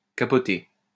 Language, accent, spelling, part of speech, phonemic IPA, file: French, France, capoter, verb, /ka.pɔ.te/, LL-Q150 (fra)-capoter.wav
- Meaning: 1. to overturn (of a boat, car etc.) 2. to derail 3. to fail 4. to flounder 5. to freak out, to lose it